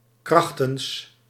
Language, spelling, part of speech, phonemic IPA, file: Dutch, krachtens, preposition, /ˈkrɑxtəns/, Nl-krachtens.ogg
- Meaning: under, according to